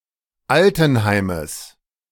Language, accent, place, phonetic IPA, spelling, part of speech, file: German, Germany, Berlin, [ˈaltn̩ˌhaɪ̯məs], Altenheimes, noun, De-Altenheimes.ogg
- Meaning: genitive of Altenheim